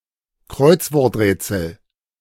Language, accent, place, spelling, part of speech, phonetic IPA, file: German, Germany, Berlin, Kreuzworträtsel, noun, [ˈkʁɔɪ̯t͡svɔʁtˌʁɛːt͡sl̩], De-Kreuzworträtsel.ogg
- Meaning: crossword puzzle